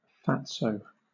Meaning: Someone who is overweight
- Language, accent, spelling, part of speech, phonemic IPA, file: English, Southern England, fatso, noun, /ˈfæt.soʊ/, LL-Q1860 (eng)-fatso.wav